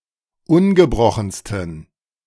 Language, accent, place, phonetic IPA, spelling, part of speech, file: German, Germany, Berlin, [ˈʊnɡəˌbʁɔxn̩stən], ungebrochensten, adjective, De-ungebrochensten.ogg
- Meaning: 1. superlative degree of ungebrochen 2. inflection of ungebrochen: strong genitive masculine/neuter singular superlative degree